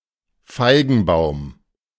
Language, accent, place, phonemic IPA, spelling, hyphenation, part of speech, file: German, Germany, Berlin, /ˈfaɪ̯ɡənˌbaʊ̯m/, Feigenbaum, Fei‧gen‧baum, noun, De-Feigenbaum.ogg
- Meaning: fig tree